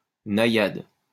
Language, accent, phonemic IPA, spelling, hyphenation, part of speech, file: French, France, /na.jad/, naïade, na‧ïade, noun, LL-Q150 (fra)-naïade.wav
- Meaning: naiad